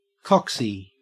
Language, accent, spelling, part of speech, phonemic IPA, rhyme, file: English, Australia, coxie, noun, /ˈkɒksi/, -ɒksi, En-au-coxie.ogg
- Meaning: A coxswain